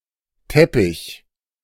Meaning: 1. rug, carpet (cloth covering for a floor) 2. tapestry (cloth hung on a wall) 3. slick (covering of oil)
- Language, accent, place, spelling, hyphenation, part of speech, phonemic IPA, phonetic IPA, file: German, Germany, Berlin, Teppich, Tep‧pich, noun, /ˈtɛpɪç/, [ˈtʰɛ.pʰɪç], De-Teppich.ogg